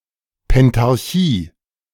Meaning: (noun) pentarchy; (proper noun) the Pentarchy
- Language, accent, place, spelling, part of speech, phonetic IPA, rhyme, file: German, Germany, Berlin, Pentarchie, noun, [pɛntaʁˈçiː], -iː, De-Pentarchie.ogg